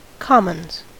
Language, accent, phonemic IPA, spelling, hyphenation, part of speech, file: English, US, /ˈkɑmənz/, commons, com‧mons, noun / verb, En-us-commons.ogg
- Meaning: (noun) 1. plural of common 2. A public area, especially a dining hall, at a college or university; a similar shared space elsewhere